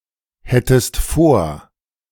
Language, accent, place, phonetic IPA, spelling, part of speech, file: German, Germany, Berlin, [ˌhɛtəst ˈfoːɐ̯], hättest vor, verb, De-hättest vor.ogg
- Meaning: second-person singular subjunctive II of vorhaben